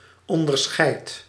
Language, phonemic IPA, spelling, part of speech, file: Dutch, /ˌɔndərˈsxɛi̯t/, onderscheidt, verb, Nl-onderscheidt.ogg
- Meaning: inflection of onderscheiden: 1. second/third-person singular present indicative 2. plural imperative